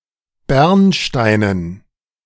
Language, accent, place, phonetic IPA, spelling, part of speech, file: German, Germany, Berlin, [ˈbɛʁnˌʃtaɪ̯nən], Bernsteinen, noun, De-Bernsteinen.ogg
- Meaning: dative plural of Bernstein